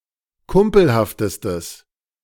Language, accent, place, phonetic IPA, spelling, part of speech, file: German, Germany, Berlin, [ˈkʊmpl̩haftəstəs], kumpelhaftestes, adjective, De-kumpelhaftestes.ogg
- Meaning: strong/mixed nominative/accusative neuter singular superlative degree of kumpelhaft